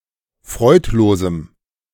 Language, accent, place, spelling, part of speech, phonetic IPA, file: German, Germany, Berlin, freudlosem, adjective, [ˈfʁɔɪ̯tˌloːzm̩], De-freudlosem.ogg
- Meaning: strong dative masculine/neuter singular of freudlos